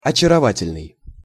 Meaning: charming, enchanting, adorable, lovely, fascinating
- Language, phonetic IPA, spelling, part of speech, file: Russian, [ɐt͡ɕɪrɐˈvatʲɪlʲnɨj], очаровательный, adjective, Ru-очаровательный.ogg